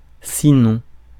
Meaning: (conjunction) 1. except, apart from 2. if not 3. otherwise, or else; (adverb) also; additionally; furthermore; anyway
- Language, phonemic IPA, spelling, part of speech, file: French, /si.nɔ̃/, sinon, conjunction / adverb, Fr-sinon.ogg